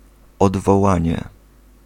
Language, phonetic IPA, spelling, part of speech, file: Polish, [ˌɔdvɔˈwãɲɛ], odwołanie, noun, Pl-odwołanie.ogg